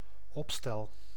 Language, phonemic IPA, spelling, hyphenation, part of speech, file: Dutch, /ˈɔp.stɛl/, opstel, op‧stel, noun / verb, Nl-opstel.ogg
- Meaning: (noun) an essay (short written composition), especially as a writing exercise in school; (verb) first-person singular dependent-clause present indicative of opstellen